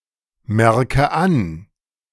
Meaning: inflection of anmerken: 1. first-person singular present 2. first/third-person singular subjunctive I 3. singular imperative
- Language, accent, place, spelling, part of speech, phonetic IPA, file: German, Germany, Berlin, merke an, verb, [ˌmɛʁkə ˈan], De-merke an.ogg